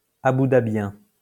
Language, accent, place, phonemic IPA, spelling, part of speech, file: French, France, Lyon, /a.bu.da.bjɛ̃/, aboudabien, adjective, LL-Q150 (fra)-aboudabien.wav
- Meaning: Abu Dhabian (of or from Abu Dhabi)